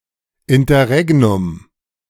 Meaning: interregnum (period of time between the end of a sovereign's reign and the accession of another sovereign)
- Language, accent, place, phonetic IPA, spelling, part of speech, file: German, Germany, Berlin, [ɪntɐˈʁɛɡnʊm], Interregnum, noun, De-Interregnum.ogg